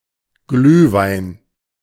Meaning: mulled wine
- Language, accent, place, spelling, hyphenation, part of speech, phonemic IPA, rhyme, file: German, Germany, Berlin, Glühwein, Glüh‧wein, noun, /ˈɡlyːvaɪ̯n/, -aɪ̯n, De-Glühwein.ogg